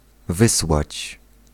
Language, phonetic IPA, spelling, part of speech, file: Polish, [ˈvɨswat͡ɕ], wysłać, verb, Pl-wysłać.ogg